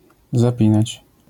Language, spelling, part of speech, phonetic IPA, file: Polish, zapinać, verb, [zaˈpʲĩnat͡ɕ], LL-Q809 (pol)-zapinać.wav